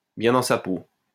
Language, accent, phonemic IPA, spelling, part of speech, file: French, France, /bjɛ̃ dɑ̃ sa po/, bien dans sa peau, adjective, LL-Q150 (fra)-bien dans sa peau.wav
- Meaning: comfortable in one's own skin, comfortable with who one is, feeling good about oneself, well-adjusted, together